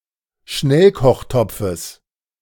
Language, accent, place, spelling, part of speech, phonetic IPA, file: German, Germany, Berlin, Schnellkochtopfes, noun, [ˈʃnɛlkɔxˌtɔp͡fəs], De-Schnellkochtopfes.ogg
- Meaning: genitive singular of Schnellkochtopf